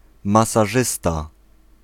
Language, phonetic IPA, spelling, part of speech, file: Polish, [ˌmasaˈʒɨsta], masażysta, noun, Pl-masażysta.ogg